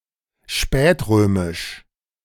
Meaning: late Roman
- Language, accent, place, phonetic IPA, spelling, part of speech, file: German, Germany, Berlin, [ˈʃpɛːtˌʁøːmɪʃ], spätrömisch, adjective, De-spätrömisch.ogg